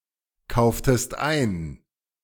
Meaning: inflection of einkaufen: 1. second-person singular preterite 2. second-person singular subjunctive II
- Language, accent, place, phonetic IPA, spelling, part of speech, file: German, Germany, Berlin, [ˌkaʊ̯ftəst ˈaɪ̯n], kauftest ein, verb, De-kauftest ein.ogg